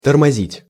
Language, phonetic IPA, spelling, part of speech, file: Russian, [tərmɐˈzʲitʲ], тормозить, verb, Ru-тормозить.ogg
- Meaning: 1. to brake 2. to hinder, to impede, to slow down